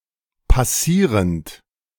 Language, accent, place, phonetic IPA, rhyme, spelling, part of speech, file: German, Germany, Berlin, [paˈsiːʁənt], -iːʁənt, passierend, verb, De-passierend.ogg
- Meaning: present participle of passieren